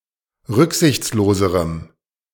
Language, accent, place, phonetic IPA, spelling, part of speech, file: German, Germany, Berlin, [ˈʁʏkzɪçt͡sloːzəʁəm], rücksichtsloserem, adjective, De-rücksichtsloserem.ogg
- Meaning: strong dative masculine/neuter singular comparative degree of rücksichtslos